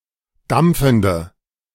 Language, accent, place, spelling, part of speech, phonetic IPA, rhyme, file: German, Germany, Berlin, dampfende, adjective, [ˈdamp͡fn̩də], -amp͡fn̩də, De-dampfende.ogg
- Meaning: inflection of dampfend: 1. strong/mixed nominative/accusative feminine singular 2. strong nominative/accusative plural 3. weak nominative all-gender singular